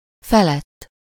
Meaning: above
- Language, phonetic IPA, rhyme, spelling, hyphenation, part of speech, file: Hungarian, [ˈfɛlɛtː], -ɛtː, felett, fe‧lett, postposition, Hu-felett.ogg